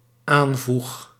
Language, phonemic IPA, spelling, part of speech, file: Dutch, /ˈaɱvux/, aanvoeg, verb, Nl-aanvoeg.ogg
- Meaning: first-person singular dependent-clause present indicative of aanvoegen